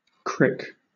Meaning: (noun) 1. A painful stiffness in some part of the body, like the neck or back, which makes it difficult to move the affected body part for some time; a cramp 2. A small jackscrew
- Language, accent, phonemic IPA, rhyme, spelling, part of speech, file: English, Southern England, /kɹɪk/, -ɪk, crick, noun / verb, LL-Q1860 (eng)-crick.wav